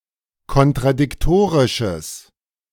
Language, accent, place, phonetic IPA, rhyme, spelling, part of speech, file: German, Germany, Berlin, [kɔntʁadɪkˈtoːʁɪʃəs], -oːʁɪʃəs, kontradiktorisches, adjective, De-kontradiktorisches.ogg
- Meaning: strong/mixed nominative/accusative neuter singular of kontradiktorisch